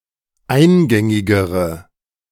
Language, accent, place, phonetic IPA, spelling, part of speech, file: German, Germany, Berlin, [ˈaɪ̯nˌɡɛŋɪɡəʁə], eingängigere, adjective, De-eingängigere.ogg
- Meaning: inflection of eingängig: 1. strong/mixed nominative/accusative feminine singular comparative degree 2. strong nominative/accusative plural comparative degree